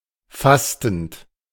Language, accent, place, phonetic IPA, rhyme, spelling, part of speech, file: German, Germany, Berlin, [ˈfastn̩t], -astn̩t, fastend, verb, De-fastend.ogg
- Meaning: present participle of fasten